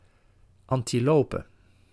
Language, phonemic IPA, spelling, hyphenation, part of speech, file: Dutch, /ˌɑn.tiˈloː.pə/, antilope, an‧ti‧lo‧pe, noun, Nl-antilope.ogg
- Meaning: antelope